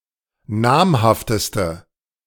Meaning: inflection of namhaft: 1. strong/mixed nominative/accusative feminine singular superlative degree 2. strong nominative/accusative plural superlative degree
- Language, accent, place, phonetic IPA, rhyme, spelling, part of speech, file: German, Germany, Berlin, [ˈnaːmhaftəstə], -aːmhaftəstə, namhafteste, adjective, De-namhafteste.ogg